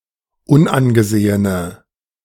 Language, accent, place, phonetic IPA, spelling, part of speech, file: German, Germany, Berlin, [ˈʊnʔanɡəˌzeːənə], unangesehene, adjective, De-unangesehene.ogg
- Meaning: inflection of unangesehen: 1. strong/mixed nominative/accusative feminine singular 2. strong nominative/accusative plural 3. weak nominative all-gender singular